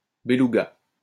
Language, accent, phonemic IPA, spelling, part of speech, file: French, France, /be.lu.ɡa/, bélouga, noun, LL-Q150 (fra)-bélouga.wav
- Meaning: alternative form of belouga